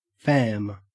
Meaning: 1. Clipping of family 2. A term of endearment between friends; derived from "family" but not used between relatives 3. Clipping of familiarization
- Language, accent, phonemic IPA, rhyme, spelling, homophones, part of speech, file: English, Australia, /fæm/, -æm, fam, Pham, noun, En-au-fam.ogg